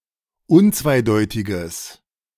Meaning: strong/mixed nominative/accusative neuter singular of unzweideutig
- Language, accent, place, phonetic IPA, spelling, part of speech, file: German, Germany, Berlin, [ˈʊnt͡svaɪ̯ˌdɔɪ̯tɪɡəs], unzweideutiges, adjective, De-unzweideutiges.ogg